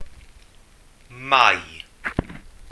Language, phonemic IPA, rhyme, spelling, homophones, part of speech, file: Welsh, /mai̯/, -ai̯, Mai, mai, proper noun, Cy-Mai.ogg
- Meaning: May